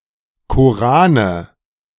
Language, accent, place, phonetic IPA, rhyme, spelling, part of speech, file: German, Germany, Berlin, [ˌkoˈʁaːnə], -aːnə, Korane, noun, De-Korane.ogg
- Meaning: nominative/accusative/genitive plural of Koran